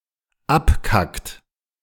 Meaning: inflection of abkacken: 1. third-person singular dependent present 2. second-person plural dependent present
- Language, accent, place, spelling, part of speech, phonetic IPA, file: German, Germany, Berlin, abkackt, verb, [ˈapˌkakt], De-abkackt.ogg